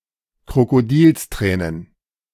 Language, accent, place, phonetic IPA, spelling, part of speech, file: German, Germany, Berlin, [kʁokoˈdiːlsˌtʁɛːnən], Krokodilstränen, noun, De-Krokodilstränen.ogg
- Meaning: crocodile tears